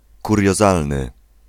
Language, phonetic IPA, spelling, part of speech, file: Polish, [ˌkurʲjɔˈzalnɨ], kuriozalny, adjective, Pl-kuriozalny.ogg